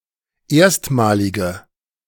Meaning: inflection of erstmalig: 1. strong/mixed nominative/accusative feminine singular 2. strong nominative/accusative plural 3. weak nominative all-gender singular
- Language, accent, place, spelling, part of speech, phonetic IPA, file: German, Germany, Berlin, erstmalige, adjective, [ˈeːɐ̯stmaːlɪɡə], De-erstmalige.ogg